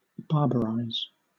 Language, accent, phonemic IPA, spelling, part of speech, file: English, Southern England, /ˈbɑː(ɹ)bəɹaɪz/, barbarize, verb, LL-Q1860 (eng)-barbarize.wav
- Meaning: 1. To cause to become savage or uncultured 2. To become savage or uncultured 3. To adopt a foreign or barbarous mode of speech